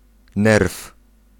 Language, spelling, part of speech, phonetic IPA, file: Polish, nerw, noun, [nɛrf], Pl-nerw.ogg